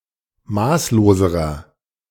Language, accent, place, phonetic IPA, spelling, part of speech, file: German, Germany, Berlin, [ˈmaːsloːzəʁɐ], maßloserer, adjective, De-maßloserer.ogg
- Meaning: inflection of maßlos: 1. strong/mixed nominative masculine singular comparative degree 2. strong genitive/dative feminine singular comparative degree 3. strong genitive plural comparative degree